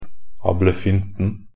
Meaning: definite singular of ablefynte
- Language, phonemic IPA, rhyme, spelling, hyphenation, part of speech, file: Norwegian Bokmål, /abləˈfʏntn̩/, -ʏntn̩, ablefynten, ab‧le‧fyn‧ten, noun, Nb-ablefynten.ogg